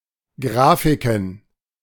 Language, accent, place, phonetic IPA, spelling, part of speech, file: German, Germany, Berlin, [ˈɡʁaːfɪkn̩], Grafiken, noun, De-Grafiken.ogg
- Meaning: plural of Grafik